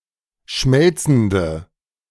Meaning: inflection of schmelzend: 1. strong/mixed nominative/accusative feminine singular 2. strong nominative/accusative plural 3. weak nominative all-gender singular
- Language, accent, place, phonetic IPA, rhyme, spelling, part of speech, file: German, Germany, Berlin, [ˈʃmɛlt͡sn̩də], -ɛlt͡sn̩də, schmelzende, adjective, De-schmelzende.ogg